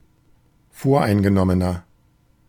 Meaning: inflection of voreingenommen: 1. strong/mixed nominative masculine singular 2. strong genitive/dative feminine singular 3. strong genitive plural
- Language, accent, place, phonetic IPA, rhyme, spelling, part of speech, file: German, Germany, Berlin, [ˈfoːɐ̯ʔaɪ̯nɡəˌnɔmənɐ], -aɪ̯nɡənɔmənɐ, voreingenommener, adjective, De-voreingenommener.ogg